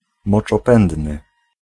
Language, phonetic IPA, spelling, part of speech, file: Polish, [ˌmɔt͡ʃɔˈpɛ̃ndnɨ], moczopędny, adjective, Pl-moczopędny.ogg